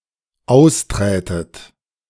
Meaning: second-person plural dependent subjunctive II of austreten
- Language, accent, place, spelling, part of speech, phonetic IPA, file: German, Germany, Berlin, austrätet, verb, [ˈaʊ̯sˌtʁɛːtət], De-austrätet.ogg